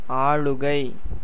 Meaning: rule, dominion, control, sway
- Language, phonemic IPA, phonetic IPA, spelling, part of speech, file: Tamil, /ɑːɭʊɡɐɪ̯/, [äːɭʊɡɐɪ̯], ஆளுகை, noun, Ta-ஆளுகை.ogg